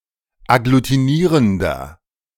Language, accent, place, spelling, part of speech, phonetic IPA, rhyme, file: German, Germany, Berlin, agglutinierender, adjective, [aɡlutiˈniːʁəndɐ], -iːʁəndɐ, De-agglutinierender.ogg
- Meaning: inflection of agglutinierend: 1. strong/mixed nominative masculine singular 2. strong genitive/dative feminine singular 3. strong genitive plural